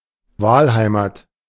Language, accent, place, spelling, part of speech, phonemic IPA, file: German, Germany, Berlin, Wahlheimat, noun, /ˈvaːlˌhaɪ̯maːt/, De-Wahlheimat.ogg
- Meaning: one's adopted home or country